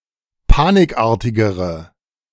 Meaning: inflection of panikartig: 1. strong/mixed nominative/accusative feminine singular comparative degree 2. strong nominative/accusative plural comparative degree
- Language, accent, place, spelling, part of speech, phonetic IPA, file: German, Germany, Berlin, panikartigere, adjective, [ˈpaːnɪkˌʔaːɐ̯tɪɡəʁə], De-panikartigere.ogg